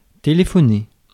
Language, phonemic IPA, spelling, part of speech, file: French, /te.le.fɔ.ne/, téléphoner, verb, Fr-téléphoner.ogg
- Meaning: 1. to call, to ring, to telephone 2. to telegraph, to communicate nonverbally, whether by gesture, a change in attitude, or any other sign, especially unintentionally